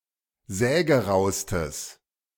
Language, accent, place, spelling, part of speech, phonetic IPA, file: German, Germany, Berlin, sägeraustes, adjective, [ˈzɛːɡəˌʁaʊ̯stəs], De-sägeraustes.ogg
- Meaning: strong/mixed nominative/accusative neuter singular superlative degree of sägerau